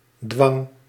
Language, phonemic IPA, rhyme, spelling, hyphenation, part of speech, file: Dutch, /dʋɑŋ/, -ɑŋ, dwang, dwang, noun, Nl-dwang.ogg
- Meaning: coercion, compulsion